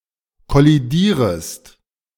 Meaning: second-person singular subjunctive I of kollidieren
- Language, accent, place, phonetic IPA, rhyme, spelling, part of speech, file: German, Germany, Berlin, [kɔliˈdiːʁəst], -iːʁəst, kollidierest, verb, De-kollidierest.ogg